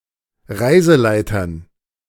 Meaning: dative plural of Reiseleiter
- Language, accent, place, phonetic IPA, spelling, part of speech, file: German, Germany, Berlin, [ˈʁaɪ̯zəˌlaɪ̯tɐn], Reiseleitern, noun, De-Reiseleitern.ogg